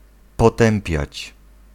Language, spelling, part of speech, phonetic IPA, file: Polish, potępiać, verb, [pɔˈtɛ̃mpʲjät͡ɕ], Pl-potępiać.ogg